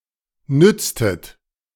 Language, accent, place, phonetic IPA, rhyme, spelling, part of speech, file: German, Germany, Berlin, [ˈnʏt͡stət], -ʏt͡stət, nütztet, verb, De-nütztet.ogg
- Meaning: inflection of nützen: 1. second-person plural preterite 2. second-person plural subjunctive II